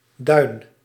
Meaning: a dune
- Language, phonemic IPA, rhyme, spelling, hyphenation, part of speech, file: Dutch, /dœy̯n/, -œy̯n, duin, duin, noun, Nl-duin.ogg